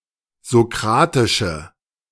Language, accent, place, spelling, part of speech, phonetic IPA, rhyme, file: German, Germany, Berlin, sokratische, adjective, [zoˈkʁaːtɪʃə], -aːtɪʃə, De-sokratische.ogg
- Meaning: inflection of sokratisch: 1. strong/mixed nominative/accusative feminine singular 2. strong nominative/accusative plural 3. weak nominative all-gender singular